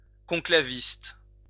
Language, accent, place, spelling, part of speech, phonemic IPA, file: French, France, Lyon, conclaviste, noun, /kɔ̃.kla.vist/, LL-Q150 (fra)-conclaviste.wav
- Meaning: conclavist